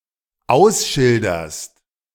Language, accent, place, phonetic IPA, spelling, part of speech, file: German, Germany, Berlin, [ˈaʊ̯sˌʃɪldɐst], ausschilderst, verb, De-ausschilderst.ogg
- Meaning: second-person singular dependent present of ausschildern